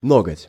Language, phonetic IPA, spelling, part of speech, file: Russian, [ˈnoɡətʲ], ноготь, noun, Ru-ноготь.ogg
- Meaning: nail (of finger or toe)